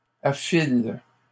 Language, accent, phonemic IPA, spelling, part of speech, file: French, Canada, /a.fil/, affilent, verb, LL-Q150 (fra)-affilent.wav
- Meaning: third-person plural present indicative/subjunctive of affiler